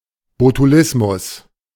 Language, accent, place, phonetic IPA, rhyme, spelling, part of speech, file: German, Germany, Berlin, [botuˈlɪsmʊs], -ɪsmʊs, Botulismus, noun, De-Botulismus.ogg
- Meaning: botulism